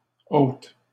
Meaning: feminine plural of haut
- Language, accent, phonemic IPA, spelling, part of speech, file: French, Canada, /ot/, hautes, adjective, LL-Q150 (fra)-hautes.wav